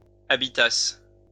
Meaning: second-person singular imperfect subjunctive of habiter
- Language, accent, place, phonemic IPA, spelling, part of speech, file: French, France, Lyon, /a.bi.tas/, habitasses, verb, LL-Q150 (fra)-habitasses.wav